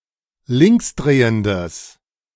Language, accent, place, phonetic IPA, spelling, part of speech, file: German, Germany, Berlin, [ˈlɪŋksˌdʁeːəndəs], linksdrehendes, adjective, De-linksdrehendes.ogg
- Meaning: strong/mixed nominative/accusative neuter singular of linksdrehend